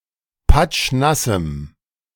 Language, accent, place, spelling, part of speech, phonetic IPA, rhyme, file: German, Germany, Berlin, patschnassem, adjective, [ˈpat͡ʃˈnasm̩], -asm̩, De-patschnassem.ogg
- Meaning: strong dative masculine/neuter singular of patschnass